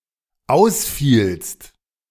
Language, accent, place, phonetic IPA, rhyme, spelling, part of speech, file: German, Germany, Berlin, [ˈaʊ̯sˌfiːlst], -aʊ̯sfiːlst, ausfielst, verb, De-ausfielst.ogg
- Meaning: second-person singular dependent preterite of ausfallen